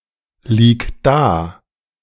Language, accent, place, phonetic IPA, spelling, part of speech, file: German, Germany, Berlin, [ˌliːk ˈdaː], lieg da, verb, De-lieg da.ogg
- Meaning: singular imperative of daliegen